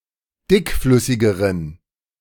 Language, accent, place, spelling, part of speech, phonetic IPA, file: German, Germany, Berlin, dickflüssigeren, adjective, [ˈdɪkˌflʏsɪɡəʁən], De-dickflüssigeren.ogg
- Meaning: inflection of dickflüssig: 1. strong genitive masculine/neuter singular comparative degree 2. weak/mixed genitive/dative all-gender singular comparative degree